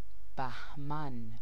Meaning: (proper noun) 1. Bahman (the eleventh solar month of the Persian calendar) 2. Name of the second day of any month of the solar Persian calendar 3. a male given name, Bahman; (noun) avalanche
- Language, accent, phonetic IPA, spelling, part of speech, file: Persian, Iran, [bæɦ.mǽn], بهمن, proper noun / noun, Fa-بهمن.ogg